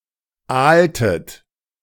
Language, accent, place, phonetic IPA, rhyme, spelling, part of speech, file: German, Germany, Berlin, [ˈaːltət], -aːltət, aaltet, verb, De-aaltet.ogg
- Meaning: inflection of aalen: 1. second-person plural preterite 2. second-person plural subjunctive II